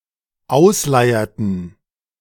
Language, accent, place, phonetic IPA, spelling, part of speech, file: German, Germany, Berlin, [ˈaʊ̯sˌlaɪ̯ɐtn̩], ausleierten, verb, De-ausleierten.ogg
- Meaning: inflection of ausleiern: 1. first/third-person plural dependent preterite 2. first/third-person plural dependent subjunctive II